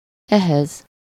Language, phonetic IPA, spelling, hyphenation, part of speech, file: Hungarian, [ˈɛhɛz], ehhez, eh‧hez, pronoun, Hu-ehhez.ogg
- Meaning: allative singular of ez